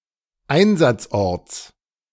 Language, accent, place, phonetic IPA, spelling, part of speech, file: German, Germany, Berlin, [ˈaɪ̯nzat͡sˌʔɔʁt͡s], Einsatzorts, noun, De-Einsatzorts.ogg
- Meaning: genitive singular of Einsatzort